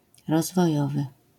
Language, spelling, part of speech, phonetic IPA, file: Polish, rozwojowy, adjective, [ˌrɔzvɔˈjɔvɨ], LL-Q809 (pol)-rozwojowy.wav